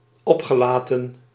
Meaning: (verb) past participle of oplaten; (adjective) embarrassed, not at ease
- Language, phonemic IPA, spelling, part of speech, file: Dutch, /ˈɔpxəˌlatə(n)/, opgelaten, verb / adjective, Nl-opgelaten.ogg